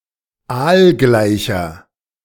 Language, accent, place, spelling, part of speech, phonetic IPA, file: German, Germany, Berlin, aalgleicher, adjective, [ˈaːlˌɡlaɪ̯çɐ], De-aalgleicher.ogg
- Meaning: inflection of aalgleich: 1. strong/mixed nominative masculine singular 2. strong genitive/dative feminine singular 3. strong genitive plural